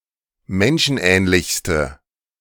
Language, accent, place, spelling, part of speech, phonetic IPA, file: German, Germany, Berlin, menschenähnlichste, adjective, [ˈmɛnʃn̩ˌʔɛːnlɪçstə], De-menschenähnlichste.ogg
- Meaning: inflection of menschenähnlich: 1. strong/mixed nominative/accusative feminine singular superlative degree 2. strong nominative/accusative plural superlative degree